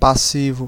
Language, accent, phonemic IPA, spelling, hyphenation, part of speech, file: Portuguese, Brazil, /paˈsi.vu/, passivo, pas‧si‧vo, adjective / noun, Pt-br-passivo.ogg
- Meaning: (adjective) 1. passive 2. bottom, sub (of or relating to the submissive partner in a sexual relationship, usually the one who is penetrated); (noun) economic liabilities